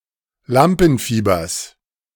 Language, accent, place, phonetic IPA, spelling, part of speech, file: German, Germany, Berlin, [ˈlampn̩ˌfiːbɐs], Lampenfiebers, noun, De-Lampenfiebers.ogg
- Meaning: genitive singular of Lampenfieber